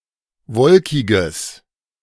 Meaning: strong/mixed nominative/accusative neuter singular of wolkig
- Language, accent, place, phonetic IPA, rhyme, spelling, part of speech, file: German, Germany, Berlin, [ˈvɔlkɪɡəs], -ɔlkɪɡəs, wolkiges, adjective, De-wolkiges.ogg